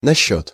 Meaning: about, concerning, regarding
- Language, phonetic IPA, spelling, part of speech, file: Russian, [nɐˈɕːɵt], насчёт, preposition, Ru-насчёт.ogg